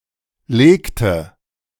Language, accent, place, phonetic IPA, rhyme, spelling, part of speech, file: German, Germany, Berlin, [ˈleːktə], -eːktə, legte, verb, De-legte.ogg
- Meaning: inflection of legen: 1. first/third-person singular preterite 2. first/third-person singular subjunctive II